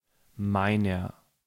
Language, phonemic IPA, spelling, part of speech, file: German, /ˈmaɪ̯nɐ/, meiner, pronoun / determiner, De-meiner.ogg
- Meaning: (pronoun) 1. mine (substantival possessive) 2. genitive of ich; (determiner) inflection of mein: 1. genitive/dative feminine singular 2. genitive plural